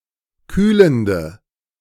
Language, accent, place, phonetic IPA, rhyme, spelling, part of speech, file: German, Germany, Berlin, [ˈkyːləndə], -yːləndə, kühlende, adjective, De-kühlende.ogg
- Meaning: inflection of kühlend: 1. strong/mixed nominative/accusative feminine singular 2. strong nominative/accusative plural 3. weak nominative all-gender singular 4. weak accusative feminine/neuter singular